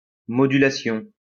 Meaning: 1. modulation 2. modulation (change in key)
- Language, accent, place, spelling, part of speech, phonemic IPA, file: French, France, Lyon, modulation, noun, /mɔ.dy.la.sjɔ̃/, LL-Q150 (fra)-modulation.wav